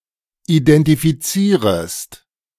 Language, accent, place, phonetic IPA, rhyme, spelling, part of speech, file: German, Germany, Berlin, [idɛntifiˈt͡siːʁəst], -iːʁəst, identifizierest, verb, De-identifizierest.ogg
- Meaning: second-person singular subjunctive I of identifizieren